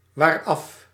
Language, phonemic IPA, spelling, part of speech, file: Dutch, /ˈʋarɑf/, waaraf, adverb, Nl-waaraf.ogg
- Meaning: pronominal adverb form of af + wat